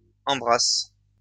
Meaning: second-person singular present indicative/subjunctive of embrasser
- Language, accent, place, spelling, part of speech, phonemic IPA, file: French, France, Lyon, embrasses, verb, /ɑ̃.bʁas/, LL-Q150 (fra)-embrasses.wav